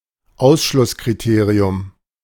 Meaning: 1. exclusion criterion 2. showstopper (impediment that prevents all further progress)
- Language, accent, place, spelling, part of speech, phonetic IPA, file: German, Germany, Berlin, Ausschlusskriterium, noun, [ˈaʊ̯sʃlʊskʁiˌteːʁiʊm], De-Ausschlusskriterium.ogg